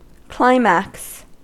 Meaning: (noun) 1. A rhetorical device in which a series is arranged in ascending order 2. An instance of such an ascending series 3. The culmination of a narrative's rising action, the turning point
- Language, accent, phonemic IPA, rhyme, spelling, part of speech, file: English, US, /ˈklaɪ.mæks/, -aɪmæks, climax, noun / verb / adjective, En-us-climax.ogg